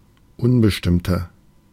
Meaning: 1. comparative degree of unbestimmt 2. inflection of unbestimmt: strong/mixed nominative masculine singular 3. inflection of unbestimmt: strong genitive/dative feminine singular
- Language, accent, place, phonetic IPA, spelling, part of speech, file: German, Germany, Berlin, [ˈʊnbəʃtɪmtɐ], unbestimmter, adjective, De-unbestimmter.ogg